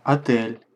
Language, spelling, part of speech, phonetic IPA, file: Russian, отель, noun, [ɐˈtɛlʲ], Ru-отель.ogg
- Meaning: hotel